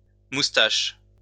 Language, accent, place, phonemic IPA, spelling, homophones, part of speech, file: French, France, Lyon, /mus.taʃ/, moustaches, moustache, noun, LL-Q150 (fra)-moustaches.wav
- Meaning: plural of moustache